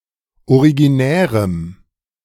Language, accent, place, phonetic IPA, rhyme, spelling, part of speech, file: German, Germany, Berlin, [oʁiɡiˈnɛːʁəm], -ɛːʁəm, originärem, adjective, De-originärem.ogg
- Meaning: strong dative masculine/neuter singular of originär